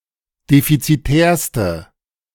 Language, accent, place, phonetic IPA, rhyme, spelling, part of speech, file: German, Germany, Berlin, [ˌdefit͡siˈtɛːɐ̯stə], -ɛːɐ̯stə, defizitärste, adjective, De-defizitärste.ogg
- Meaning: inflection of defizitär: 1. strong/mixed nominative/accusative feminine singular superlative degree 2. strong nominative/accusative plural superlative degree